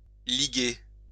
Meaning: to gang up; to be in league
- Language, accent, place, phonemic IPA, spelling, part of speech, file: French, France, Lyon, /li.ɡe/, liguer, verb, LL-Q150 (fra)-liguer.wav